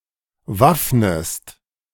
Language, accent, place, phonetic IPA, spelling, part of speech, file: German, Germany, Berlin, [ˈvafnəst], waffnest, verb, De-waffnest.ogg
- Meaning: inflection of waffnen: 1. second-person singular present 2. second-person singular subjunctive I